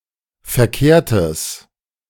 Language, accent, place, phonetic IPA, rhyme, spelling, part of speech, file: German, Germany, Berlin, [fɛɐ̯ˈkeːɐ̯təs], -eːɐ̯təs, verkehrtes, adjective, De-verkehrtes.ogg
- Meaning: strong/mixed nominative/accusative neuter singular of verkehrt